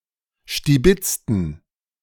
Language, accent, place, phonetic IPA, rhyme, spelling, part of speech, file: German, Germany, Berlin, [ʃtiˈbɪt͡stn̩], -ɪt͡stn̩, stibitzten, adjective / verb, De-stibitzten.ogg
- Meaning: inflection of stibitzen: 1. first/third-person plural preterite 2. first/third-person plural subjunctive II